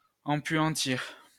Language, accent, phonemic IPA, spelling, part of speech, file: French, France, /ɑ̃.pɥɑ̃.tiʁ/, empuantir, verb, LL-Q150 (fra)-empuantir.wav
- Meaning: to stink out